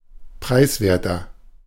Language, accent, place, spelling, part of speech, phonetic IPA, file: German, Germany, Berlin, preiswerter, adjective, [ˈpʁaɪ̯sˌveːɐ̯tɐ], De-preiswerter.ogg
- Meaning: 1. comparative degree of preiswert 2. inflection of preiswert: strong/mixed nominative masculine singular 3. inflection of preiswert: strong genitive/dative feminine singular